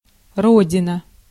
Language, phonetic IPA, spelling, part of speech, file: Russian, [ˈrodʲɪnə], родина, noun, Ru-родина.ogg
- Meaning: 1. homeland, motherland, native land 2. Russia as the Motherland 3. the Soviet Union